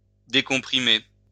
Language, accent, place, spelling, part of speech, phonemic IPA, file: French, France, Lyon, décomprimer, verb, /de.kɔ̃.pʁi.me/, LL-Q150 (fra)-décomprimer.wav
- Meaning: to decompress